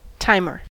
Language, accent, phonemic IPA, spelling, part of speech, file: English, US, /ˈtaɪmɚ/, timer, noun, En-us-timer.ogg
- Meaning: Agent noun of time: someone or something that times.: A device used to measure amounts of time